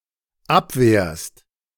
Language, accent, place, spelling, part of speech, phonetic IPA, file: German, Germany, Berlin, abwehrst, verb, [ˈapˌveːɐ̯st], De-abwehrst.ogg
- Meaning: second-person singular dependent present of abwehren